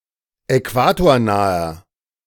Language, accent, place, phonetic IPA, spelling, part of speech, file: German, Germany, Berlin, [ɛˈkvaːtoːɐ̯ˌnaːɐ], äquatornaher, adjective, De-äquatornaher.ogg
- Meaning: inflection of äquatornah: 1. strong/mixed nominative masculine singular 2. strong genitive/dative feminine singular 3. strong genitive plural